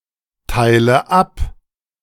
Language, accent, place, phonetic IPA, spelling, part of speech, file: German, Germany, Berlin, [ˌtaɪ̯lə ˈap], teile ab, verb, De-teile ab.ogg
- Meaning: inflection of abteilen: 1. first-person singular present 2. first/third-person singular subjunctive I 3. singular imperative